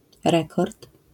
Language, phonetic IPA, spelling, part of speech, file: Polish, [ˈrɛkɔrt], rekord, noun, LL-Q809 (pol)-rekord.wav